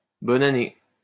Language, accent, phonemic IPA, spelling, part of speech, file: French, France, /bɔ.n‿a.ne/, bonne année, interjection, LL-Q150 (fra)-bonne année.wav
- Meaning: Happy New Year!